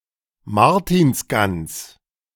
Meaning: roast goose traditionally eaten at Martinmas
- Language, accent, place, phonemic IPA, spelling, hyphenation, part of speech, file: German, Germany, Berlin, /ˈmaʁtiːnsˌɡans/, Martinsgans, Mar‧tins‧gans, noun, De-Martinsgans.ogg